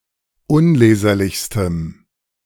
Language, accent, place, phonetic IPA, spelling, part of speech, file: German, Germany, Berlin, [ˈʊnˌleːzɐlɪçstəm], unleserlichstem, adjective, De-unleserlichstem.ogg
- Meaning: strong dative masculine/neuter singular superlative degree of unleserlich